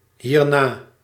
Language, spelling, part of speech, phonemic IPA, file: Dutch, hierna, adverb, /ˈhierna/, Nl-hierna.ogg
- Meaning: pronominal adverb form of na + dit